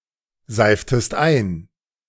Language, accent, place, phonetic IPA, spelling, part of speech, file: German, Germany, Berlin, [ˌzaɪ̯ftəst ˈaɪ̯n], seiftest ein, verb, De-seiftest ein.ogg
- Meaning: inflection of einseifen: 1. second-person singular preterite 2. second-person singular subjunctive II